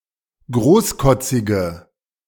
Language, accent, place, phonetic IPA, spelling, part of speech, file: German, Germany, Berlin, [ˈɡʁoːsˌkɔt͡sɪɡə], großkotzige, adjective, De-großkotzige.ogg
- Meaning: inflection of großkotzig: 1. strong/mixed nominative/accusative feminine singular 2. strong nominative/accusative plural 3. weak nominative all-gender singular